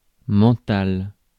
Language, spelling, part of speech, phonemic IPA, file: French, mental, adjective / noun, /mɑ̃.tal/, Fr-mental.ogg
- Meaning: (adjective) mind; mental; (noun) mind